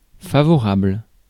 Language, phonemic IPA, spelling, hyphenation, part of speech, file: French, /fa.vɔ.ʁabl/, favorable, fa‧vo‧rable, adjective, Fr-favorable.ogg
- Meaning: favourable, favorable